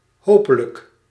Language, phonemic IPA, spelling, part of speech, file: Dutch, /ˈhopələk/, hopelijk, adverb, Nl-hopelijk.ogg
- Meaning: hopefully